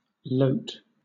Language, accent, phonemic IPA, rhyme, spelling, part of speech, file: English, Southern England, /ləʊt/, -əʊt, loth, noun, LL-Q1860 (eng)-loth.wav
- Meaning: A measure of weight formerly used in Germany, the Netherlands and some other parts of Europe, equivalent to half of the local ounce